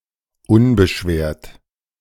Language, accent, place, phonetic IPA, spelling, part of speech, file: German, Germany, Berlin, [ˈʊnbəˌʃveːɐ̯t], unbeschwert, adjective, De-unbeschwert.ogg
- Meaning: light-hearted